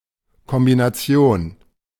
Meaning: 1. combination 2. outfit (combination of clothes in matching colours, e.g. trousers and jacket)
- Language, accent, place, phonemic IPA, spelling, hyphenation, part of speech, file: German, Germany, Berlin, /kɔmbinaˈt͡si̯oːn/, Kombination, Kom‧bi‧na‧ti‧on, noun, De-Kombination.ogg